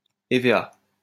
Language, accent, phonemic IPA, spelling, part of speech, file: French, France, /e.ve.a/, hévéa, noun, LL-Q150 (fra)-hévéa.wav
- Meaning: rubber tree